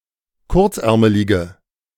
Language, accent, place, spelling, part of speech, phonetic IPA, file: German, Germany, Berlin, kurzärmelige, adjective, [ˈkʊʁt͡sˌʔɛʁməlɪɡə], De-kurzärmelige.ogg
- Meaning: inflection of kurzärmelig: 1. strong/mixed nominative/accusative feminine singular 2. strong nominative/accusative plural 3. weak nominative all-gender singular